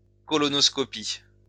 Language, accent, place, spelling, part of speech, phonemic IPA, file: French, France, Lyon, colonoscopie, noun, /kɔ.lɔ.nɔs.kɔ.pi/, LL-Q150 (fra)-colonoscopie.wav
- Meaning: alternative form of coloscopie